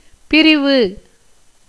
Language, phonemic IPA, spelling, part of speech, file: Tamil, /pɪɾɪʋɯ/, பிரிவு, noun, Ta-பிரிவு.ogg
- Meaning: 1. separation, severance 2. division 3. partition 4. disunion, disagreement, dissension 5. section, chapter (as of a book), paragraph 6. loosening, ripping, parting 7. secession, schism